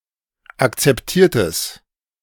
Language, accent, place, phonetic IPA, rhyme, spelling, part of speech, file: German, Germany, Berlin, [akt͡sɛpˈtiːɐ̯təs], -iːɐ̯təs, akzeptiertes, adjective, De-akzeptiertes.ogg
- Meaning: strong/mixed nominative/accusative neuter singular of akzeptiert